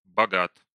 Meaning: short masculine singular of бога́тый (bogátyj)
- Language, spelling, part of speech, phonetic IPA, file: Russian, богат, adjective, [bɐˈɡat], Ru-богат.ogg